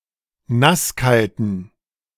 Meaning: inflection of nasskalt: 1. strong genitive masculine/neuter singular 2. weak/mixed genitive/dative all-gender singular 3. strong/weak/mixed accusative masculine singular 4. strong dative plural
- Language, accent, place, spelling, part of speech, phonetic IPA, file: German, Germany, Berlin, nasskalten, adjective, [ˈnasˌkaltn̩], De-nasskalten.ogg